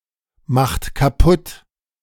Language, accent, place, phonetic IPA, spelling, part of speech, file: German, Germany, Berlin, [ˌmaxt kaˈpʊt], macht kaputt, verb, De-macht kaputt.ogg
- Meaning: inflection of kaputtmachen: 1. second-person plural present 2. third-person singular present 3. plural imperative